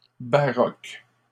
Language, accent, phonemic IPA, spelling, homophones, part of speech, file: French, Canada, /ba.ʁɔk/, baroques, baroque, adjective, LL-Q150 (fra)-baroques.wav
- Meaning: plural of baroque